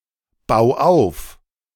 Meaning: 1. singular imperative of aufbauen 2. first-person singular present of aufbauen
- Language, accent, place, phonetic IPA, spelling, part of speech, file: German, Germany, Berlin, [ˌbaʊ̯ ˈaʊ̯f], bau auf, verb, De-bau auf.ogg